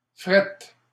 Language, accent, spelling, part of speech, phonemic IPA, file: French, Canada, frette, noun / adjective, /fʁɛt/, LL-Q150 (fra)-frette.wav
- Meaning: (noun) fret; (adjective) alternative form of froid